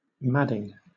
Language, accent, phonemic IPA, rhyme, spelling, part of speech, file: English, Southern England, /ˈmædɪŋ/, -ædɪŋ, madding, adjective / verb, LL-Q1860 (eng)-madding.wav
- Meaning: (adjective) Affected with madness; raging; furious; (verb) present participle and gerund of mad